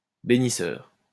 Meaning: benedictive
- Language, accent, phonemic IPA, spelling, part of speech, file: French, France, /be.ni.sœʁ/, bénisseur, adjective, LL-Q150 (fra)-bénisseur.wav